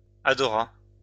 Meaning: third-person singular past historic of adorer
- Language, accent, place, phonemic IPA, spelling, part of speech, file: French, France, Lyon, /a.dɔ.ʁa/, adora, verb, LL-Q150 (fra)-adora.wav